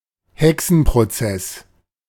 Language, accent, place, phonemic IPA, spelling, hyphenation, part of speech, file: German, Germany, Berlin, /ˈhɛksn̩proˌt͡sɛs/, Hexenprozess, He‧xen‧pro‧zess, noun, De-Hexenprozess.ogg
- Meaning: witch trial